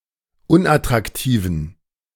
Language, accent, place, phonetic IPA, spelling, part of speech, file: German, Germany, Berlin, [ˈʊnʔatʁakˌtiːvn̩], unattraktiven, adjective, De-unattraktiven.ogg
- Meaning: inflection of unattraktiv: 1. strong genitive masculine/neuter singular 2. weak/mixed genitive/dative all-gender singular 3. strong/weak/mixed accusative masculine singular 4. strong dative plural